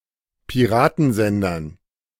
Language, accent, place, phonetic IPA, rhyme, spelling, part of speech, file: German, Germany, Berlin, [piˈʁaːtn̩ˌzɛndɐn], -aːtn̩zɛndɐn, Piratensendern, noun, De-Piratensendern.ogg
- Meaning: dative plural of Piratensender